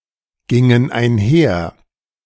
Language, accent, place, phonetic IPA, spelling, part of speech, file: German, Germany, Berlin, [ˌɡɪŋən aɪ̯nˈhɛɐ̯], gingen einher, verb, De-gingen einher.ogg
- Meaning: first/third-person plural preterite of einhergehen